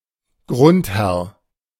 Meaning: feudal lord, landlord, lord of the manor, manorial lord, seignior
- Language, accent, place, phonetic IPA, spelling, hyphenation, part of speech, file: German, Germany, Berlin, [ˈɡʁʊnthɛʁ], Grundherr, Grund‧herr, noun, De-Grundherr.ogg